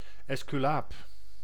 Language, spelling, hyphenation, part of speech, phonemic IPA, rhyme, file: Dutch, esculaap, es‧cu‧laap, noun, /ˌɛs.kyˈlaːp/, -aːp, Nl-esculaap.ogg
- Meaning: 1. Rod of Asclepius (symbol of medicine) 2. a physician, medical doctor